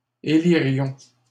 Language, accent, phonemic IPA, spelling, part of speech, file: French, Canada, /e.li.ʁjɔ̃/, élirions, verb, LL-Q150 (fra)-élirions.wav
- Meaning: first-person plural conditional of élire